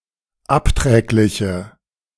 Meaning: inflection of abträglich: 1. strong/mixed nominative/accusative feminine singular 2. strong nominative/accusative plural 3. weak nominative all-gender singular
- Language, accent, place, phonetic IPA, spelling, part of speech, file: German, Germany, Berlin, [ˈapˌtʁɛːklɪçə], abträgliche, adjective, De-abträgliche.ogg